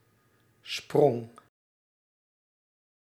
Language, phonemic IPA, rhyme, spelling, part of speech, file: Dutch, /sprɔŋ/, -ɔŋ, sprong, noun / verb, Nl-sprong.ogg
- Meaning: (noun) jump, leap; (verb) singular past indicative of springen